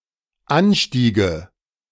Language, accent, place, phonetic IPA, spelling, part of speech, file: German, Germany, Berlin, [ˈanˌʃtiːɡə], anstiege, verb, De-anstiege.ogg
- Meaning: first/third-person singular dependent subjunctive II of ansteigen